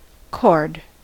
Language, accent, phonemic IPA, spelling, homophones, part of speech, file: English, US, /kɔɹd/, chord, cord, noun / verb, En-us-chord.ogg
- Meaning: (noun) 1. A harmonic set of three or more notes that is heard as if sounding simultaneously 2. A line segment between two points of a curve 3. A horizontal member of a truss